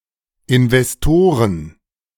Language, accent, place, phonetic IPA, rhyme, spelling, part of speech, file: German, Germany, Berlin, [ɪnvɛsˈtoːʁən], -oːʁən, Investoren, noun, De-Investoren.ogg
- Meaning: plural of Investor